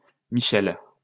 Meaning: a female given name, masculine equivalent Michel
- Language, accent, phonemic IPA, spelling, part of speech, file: French, France, /mi.ʃɛl/, Michèle, proper noun, LL-Q150 (fra)-Michèle.wav